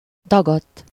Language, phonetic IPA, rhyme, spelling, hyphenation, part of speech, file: Hungarian, [ˈdɒɡɒtː], -ɒtː, dagadt, da‧gadt, verb / adjective, Hu-dagadt.ogg
- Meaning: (verb) 1. third-person singular indicative past indefinite of dagad 2. past participle of dagad; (adjective) 1. swollen 2. fat